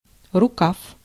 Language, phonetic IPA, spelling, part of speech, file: Russian, [rʊˈkaf], рукав, noun, Ru-рукав.ogg
- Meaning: 1. sleeve 2. distributary 3. hose